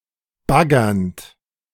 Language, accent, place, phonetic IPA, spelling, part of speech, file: German, Germany, Berlin, [ˈbaɡɐnt], baggernd, verb, De-baggernd.ogg
- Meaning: present participle of baggern